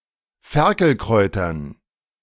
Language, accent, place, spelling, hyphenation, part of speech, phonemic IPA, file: German, Germany, Berlin, Ferkelkräutern, Fer‧kel‧kräu‧tern, noun, /ˈfɛʁkl̩ˌkʁɔɪ̯tɐn/, De-Ferkelkräutern.ogg
- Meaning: dative plural of Ferkelkraut